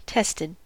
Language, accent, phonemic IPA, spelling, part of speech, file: English, US, /ˈtɛstɪd/, tested, verb, En-us-tested.ogg
- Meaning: simple past and past participle of test